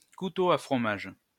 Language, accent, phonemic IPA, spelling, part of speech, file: French, France, /ku.to a fʁɔ.maʒ/, couteau à fromage, noun, LL-Q150 (fra)-couteau à fromage.wav
- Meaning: cheese knife